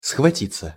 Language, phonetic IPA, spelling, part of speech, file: Russian, [sxvɐˈtʲit͡sːə], схватиться, verb, Ru-схватиться.ogg
- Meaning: 1. to seize, to hold 2. to grapple with, to come to blows with, to skirmish with 3. passive of схвати́ть (sxvatítʹ) 4. to grab, to grip, (cement) to set, to stiffen